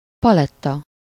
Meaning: 1. palette (a thin board on which a painter lays and mixes colours) 2. palette (the range of colors in a given work or item or body of work)
- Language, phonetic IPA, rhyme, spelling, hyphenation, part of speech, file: Hungarian, [ˈpɒlɛtːɒ], -tɒ, paletta, pa‧let‧ta, noun, Hu-paletta.ogg